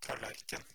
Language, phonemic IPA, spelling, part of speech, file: Norwegian Bokmål, /tɑːlæɾkɘn/, tallerken, noun, No-tallerken.ogg
- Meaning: plate, dish (something to have food on)